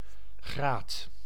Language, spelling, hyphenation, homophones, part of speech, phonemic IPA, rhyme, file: Dutch, graad, graad, graat, noun, /ɣraːt/, -aːt, Nl-graad.ogg
- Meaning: 1. degree 2. degree of angle